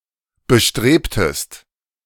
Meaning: inflection of bestreben: 1. second-person singular preterite 2. second-person singular subjunctive II
- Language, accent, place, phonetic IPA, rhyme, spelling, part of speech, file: German, Germany, Berlin, [bəˈʃtʁeːptəst], -eːptəst, bestrebtest, verb, De-bestrebtest.ogg